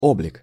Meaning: 1. face, look, aspect, appearance, figure, image 2. mindset, temper, character, make-up
- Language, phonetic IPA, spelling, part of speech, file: Russian, [ˈoblʲɪk], облик, noun, Ru-облик.ogg